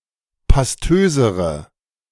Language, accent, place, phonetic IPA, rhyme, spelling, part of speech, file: German, Germany, Berlin, [pasˈtøːzəʁə], -øːzəʁə, pastösere, adjective, De-pastösere.ogg
- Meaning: inflection of pastös: 1. strong/mixed nominative/accusative feminine singular comparative degree 2. strong nominative/accusative plural comparative degree